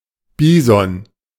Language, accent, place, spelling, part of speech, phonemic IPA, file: German, Germany, Berlin, Bison, noun, /ˈbiːzɔn/, De-Bison.ogg
- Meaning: bison (Bison bison)